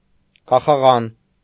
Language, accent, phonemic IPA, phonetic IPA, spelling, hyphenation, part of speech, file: Armenian, Eastern Armenian, /kɑχɑˈʁɑn/, [kɑχɑʁɑ́n], կախաղան, կա‧խա‧ղան, noun, Hy-կախաղան.ogg
- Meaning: gibbet, gallows